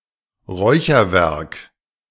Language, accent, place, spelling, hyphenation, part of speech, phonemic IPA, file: German, Germany, Berlin, Räucherwerk, Räu‧cher‧werk, noun, /ˈrɔʏ̯çərˌvɛrk/, De-Räucherwerk.ogg
- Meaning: incense, products used for fumigation